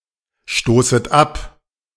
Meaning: second-person plural subjunctive I of abstoßen
- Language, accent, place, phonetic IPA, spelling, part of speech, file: German, Germany, Berlin, [ˌʃtoːsət ˈap], stoßet ab, verb, De-stoßet ab.ogg